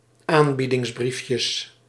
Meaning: plural of aanbiedingsbriefje
- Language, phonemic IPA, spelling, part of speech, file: Dutch, /ˈambidɪŋzˌbrifjəs/, aanbiedingsbriefjes, noun, Nl-aanbiedingsbriefjes.ogg